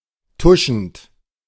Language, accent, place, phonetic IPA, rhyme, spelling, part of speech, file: German, Germany, Berlin, [ˈtʊʃn̩t], -ʊʃn̩t, tuschend, verb, De-tuschend.ogg
- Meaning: present participle of tuschen